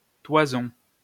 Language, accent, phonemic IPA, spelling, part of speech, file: French, France, /twa.zɔ̃/, toison, noun, LL-Q150 (fra)-toison.wav
- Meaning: 1. fleece 2. mop (of hair); mane 3. muff, pubes (especially of a woman) 4. the hair of a man's torso